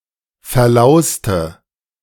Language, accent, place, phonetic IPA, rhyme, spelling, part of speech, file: German, Germany, Berlin, [fɛɐ̯ˈlaʊ̯stə], -aʊ̯stə, verlauste, adjective / verb, De-verlauste.ogg
- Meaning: inflection of verlaust: 1. strong/mixed nominative/accusative feminine singular 2. strong nominative/accusative plural 3. weak nominative all-gender singular